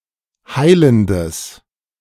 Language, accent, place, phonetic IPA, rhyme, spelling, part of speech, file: German, Germany, Berlin, [ˈhaɪ̯ləndəs], -aɪ̯ləndəs, heilendes, adjective, De-heilendes.ogg
- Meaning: strong/mixed nominative/accusative neuter singular of heilend